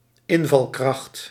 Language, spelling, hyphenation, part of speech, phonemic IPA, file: Dutch, invalkracht, in‧val‧kracht, noun, /ˈɪn.vɑlˌkrɑxt/, Nl-invalkracht.ogg
- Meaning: substitute (employee temporarily substituting for someone else, especially in education or care)